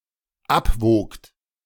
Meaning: second-person plural dependent preterite of abwiegen
- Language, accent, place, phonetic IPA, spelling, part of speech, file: German, Germany, Berlin, [ˈapˌvoːkt], abwogt, verb, De-abwogt.ogg